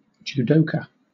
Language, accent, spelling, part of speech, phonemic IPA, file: English, Southern England, judoka, noun, /d͡ʒuːˈdəʊkə/, LL-Q1860 (eng)-judoka.wav
- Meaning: A practitioner of the Japanese martial art of judo